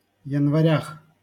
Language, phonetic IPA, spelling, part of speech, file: Russian, [(j)ɪnvɐˈrʲax], январях, noun, LL-Q7737 (rus)-январях.wav
- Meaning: prepositional plural of янва́рь (janvárʹ)